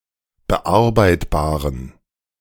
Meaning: inflection of bearbeitbar: 1. strong genitive masculine/neuter singular 2. weak/mixed genitive/dative all-gender singular 3. strong/weak/mixed accusative masculine singular 4. strong dative plural
- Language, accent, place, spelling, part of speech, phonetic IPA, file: German, Germany, Berlin, bearbeitbaren, adjective, [bəˈʔaʁbaɪ̯tbaːʁən], De-bearbeitbaren.ogg